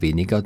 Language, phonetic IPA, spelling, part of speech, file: German, [ˈveːniɡɐ], weniger, adjective / adverb, De-weniger.ogg
- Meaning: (adjective) comparative degree of wenig: less, fewer; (adverb) 1. less 2. minus